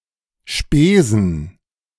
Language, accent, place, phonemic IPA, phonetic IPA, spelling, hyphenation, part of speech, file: German, Germany, Berlin, /ˈʃpeːzən/, [ˈʃpeːzn̩], Spesen, Spe‧sen, noun, De-Spesen.ogg
- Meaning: charges, costs and expenses incurred in the performance of one′s job that are reimbursed by the employer; (allowable, travel and entertainment/T&E) expenses